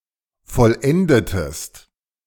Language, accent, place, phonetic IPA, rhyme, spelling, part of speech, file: German, Germany, Berlin, [fɔlˈʔɛndətəst], -ɛndətəst, vollendetest, verb, De-vollendetest.ogg
- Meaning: inflection of vollenden: 1. second-person singular preterite 2. second-person singular subjunctive II